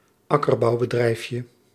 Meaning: diminutive of akkerbouwbedrijf
- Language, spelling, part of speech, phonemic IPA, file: Dutch, akkerbouwbedrijfje, noun, /ˈɑkərbɔubədrɛɪfjə/, Nl-akkerbouwbedrijfje.ogg